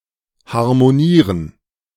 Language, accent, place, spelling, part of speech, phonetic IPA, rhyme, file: German, Germany, Berlin, harmonieren, verb, [haʁmoˈniːʁən], -iːʁən, De-harmonieren.ogg
- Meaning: to harmonize